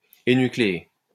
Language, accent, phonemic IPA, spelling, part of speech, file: French, France, /e.ny.kle.e/, énucléer, verb, LL-Q150 (fra)-énucléer.wav
- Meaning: to enucleate